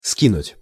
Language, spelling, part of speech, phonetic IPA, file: Russian, скинуть, verb, [ˈskʲinʊtʲ], Ru-скинуть.ogg
- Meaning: 1. to throw down, to throw off 2. (clothes, shoes) to take off, to throw off 3. to throw off, to dethrone 4. to throw together 5. to knock off, to discount 6. to send by Internet or SMS